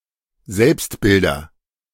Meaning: nominative/accusative/genitive plural of Selbstbild
- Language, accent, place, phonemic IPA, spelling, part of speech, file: German, Germany, Berlin, /ˈzɛlpstˌbɪldɐ/, Selbstbilder, noun, De-Selbstbilder.ogg